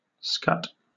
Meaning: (noun) 1. A hare; (hunting, also figuratively) a hare as the game in a hunt 2. A short, erect tail, as of a hare, rabbit, or deer 3. The buttocks or rump; also, the female pudenda, the vulva
- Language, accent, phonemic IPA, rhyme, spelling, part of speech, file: English, Received Pronunciation, /skʌt/, -ʌt, scut, noun / verb, En-uk-scut.oga